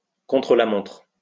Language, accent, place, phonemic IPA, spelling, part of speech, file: French, France, Lyon, /kɔ̃.tʁə.la.mɔ̃tʁ/, contre-la-montre, noun, LL-Q150 (fra)-contre-la-montre.wav
- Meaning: time trial